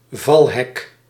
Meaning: portcullis
- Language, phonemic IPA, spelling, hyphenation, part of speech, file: Dutch, /ˈvɑl.ɦɛk/, valhek, val‧hek, noun, Nl-valhek.ogg